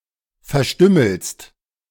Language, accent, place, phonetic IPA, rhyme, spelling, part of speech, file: German, Germany, Berlin, [fɛɐ̯ˈʃtʏml̩st], -ʏml̩st, verstümmelst, verb, De-verstümmelst.ogg
- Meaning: second-person singular present of verstümmeln